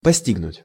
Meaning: 1. to comprehend 2. to befall, to happen (to) (esp. of misfortune)
- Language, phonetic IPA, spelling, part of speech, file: Russian, [pɐˈsʲtʲiɡnʊtʲ], постигнуть, verb, Ru-постигнуть.ogg